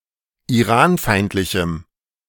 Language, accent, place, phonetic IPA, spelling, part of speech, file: German, Germany, Berlin, [iˈʁaːnˌfaɪ̯ntlɪçm̩], iranfeindlichem, adjective, De-iranfeindlichem.ogg
- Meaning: strong dative masculine/neuter singular of iranfeindlich